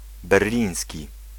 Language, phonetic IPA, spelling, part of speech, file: Polish, [bɛrˈlʲĩj̃sʲci], berliński, adjective, Pl-berliński.ogg